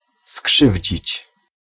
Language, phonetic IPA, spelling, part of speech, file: Polish, [ˈskʃɨvʲd͡ʑit͡ɕ], skrzywdzić, verb, Pl-skrzywdzić.ogg